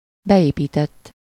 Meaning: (verb) 1. third-person singular indicative past indefinite of beépít 2. past participle of beépít; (adjective) built-in
- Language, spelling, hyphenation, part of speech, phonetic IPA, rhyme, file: Hungarian, beépített, be‧épí‧tett, verb / adjective, [ˈbɛjeːpiːtɛtː], -ɛtː, Hu-beépített.ogg